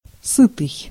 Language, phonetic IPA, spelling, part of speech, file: Russian, [ˈsɨtɨj], сытый, adjective, Ru-сытый.ogg
- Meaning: 1. satiated 2. satisfied, full, sated